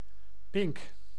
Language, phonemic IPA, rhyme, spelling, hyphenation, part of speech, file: Dutch, /pɪŋk/, -ɪŋk, pink, pink, noun, Nl-pink.ogg
- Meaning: 1. pinkie (little finger) 2. one-year-old calf, a bovine yearling 3. a pink (historic coastal fishing boat with one mast, often landed on beaches)